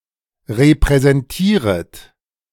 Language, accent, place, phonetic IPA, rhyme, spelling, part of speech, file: German, Germany, Berlin, [ʁepʁɛzɛnˈtiːʁət], -iːʁət, repräsentieret, verb, De-repräsentieret.ogg
- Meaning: second-person plural subjunctive I of repräsentieren